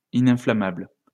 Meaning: nonflammable
- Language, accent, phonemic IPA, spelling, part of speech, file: French, France, /i.nɛ̃.fla.mabl/, ininflammable, adjective, LL-Q150 (fra)-ininflammable.wav